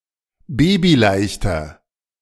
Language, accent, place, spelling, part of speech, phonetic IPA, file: German, Germany, Berlin, babyleichter, adjective, [ˈbeːbiˌlaɪ̯çtɐ], De-babyleichter.ogg
- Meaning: inflection of babyleicht: 1. strong/mixed nominative masculine singular 2. strong genitive/dative feminine singular 3. strong genitive plural